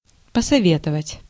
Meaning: to advise, to counsel
- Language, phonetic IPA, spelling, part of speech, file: Russian, [pəsɐˈvʲetəvətʲ], посоветовать, verb, Ru-посоветовать.ogg